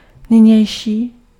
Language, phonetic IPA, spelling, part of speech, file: Czech, [ˈnɪɲɛjʃiː], nynější, adjective, Cs-nynější.ogg
- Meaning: current, present